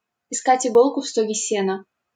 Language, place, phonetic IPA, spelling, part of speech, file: Russian, Saint Petersburg, [ɪˈskatʲ ɪˈɡoɫkʊ ˈf‿stoɡʲe ˈsʲenə], искать иголку в стоге сена, verb, LL-Q7737 (rus)-искать иголку в стоге сена.wav
- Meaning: to be looking for a needle in a haystack